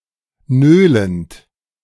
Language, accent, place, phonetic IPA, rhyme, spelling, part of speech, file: German, Germany, Berlin, [ˈnøːlənt], -øːlənt, nölend, verb, De-nölend.ogg
- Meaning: present participle of nölen